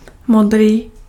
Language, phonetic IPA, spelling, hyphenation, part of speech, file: Czech, [ˈmodriː], modrý, mo‧d‧rý, adjective, Cs-modrý.ogg
- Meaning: blue